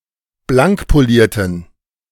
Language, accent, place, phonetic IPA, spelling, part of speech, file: German, Germany, Berlin, [ˈblaŋkpoˌliːɐ̯tn̩], blankpolierten, adjective, De-blankpolierten.ogg
- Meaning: inflection of blankpoliert: 1. strong genitive masculine/neuter singular 2. weak/mixed genitive/dative all-gender singular 3. strong/weak/mixed accusative masculine singular 4. strong dative plural